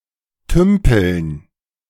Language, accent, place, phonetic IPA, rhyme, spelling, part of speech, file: German, Germany, Berlin, [ˈtʏmpl̩n], -ʏmpl̩n, Tümpeln, noun, De-Tümpeln.ogg
- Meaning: dative plural of Tümpel